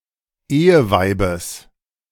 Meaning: genitive singular of Eheweib
- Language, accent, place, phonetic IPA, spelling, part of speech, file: German, Germany, Berlin, [ˈeːəˌvaɪ̯bəs], Eheweibes, noun, De-Eheweibes.ogg